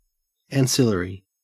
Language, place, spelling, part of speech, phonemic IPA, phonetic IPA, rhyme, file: English, Queensland, ancillary, adjective / noun, /ænˈsɪl.ə.ɹi/, [ɛːnˈsɪl.ə.ɹi], -ɪləɹi, En-au-ancillary.ogg
- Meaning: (adjective) Subordinate; secondary; auxiliary; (noun) 1. Something that serves an ancillary function, such as an easel for a painter 2. An auxiliary